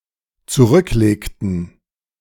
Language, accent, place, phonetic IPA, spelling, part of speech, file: German, Germany, Berlin, [t͡suˈʁʏkˌleːktn̩], zurücklegten, verb, De-zurücklegten.ogg
- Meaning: inflection of zurücklegen: 1. first/third-person plural dependent preterite 2. first/third-person plural dependent subjunctive II